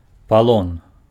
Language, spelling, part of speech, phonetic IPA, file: Belarusian, палон, noun, [paˈɫon], Be-палон.ogg
- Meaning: captivity, custody